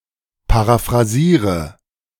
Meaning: inflection of paraphrasieren: 1. first-person singular present 2. first/third-person singular subjunctive I 3. singular imperative
- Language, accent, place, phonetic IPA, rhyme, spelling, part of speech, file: German, Germany, Berlin, [paʁafʁaˈziːʁə], -iːʁə, paraphrasiere, verb, De-paraphrasiere.ogg